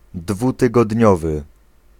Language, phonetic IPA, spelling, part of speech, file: Polish, [ˌdvutɨɡɔdʲˈɲɔvɨ], dwutygodniowy, adjective, Pl-dwutygodniowy.ogg